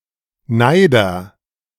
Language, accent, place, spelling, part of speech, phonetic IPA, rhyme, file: German, Germany, Berlin, Neider, noun, [ˈnaɪ̯dɐ], -aɪ̯dɐ, De-Neider.ogg
- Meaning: one who shows envy; envier